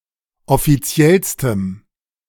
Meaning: strong dative masculine/neuter singular superlative degree of offiziell
- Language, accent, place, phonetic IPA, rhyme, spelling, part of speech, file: German, Germany, Berlin, [ɔfiˈt͡si̯ɛlstəm], -ɛlstəm, offiziellstem, adjective, De-offiziellstem.ogg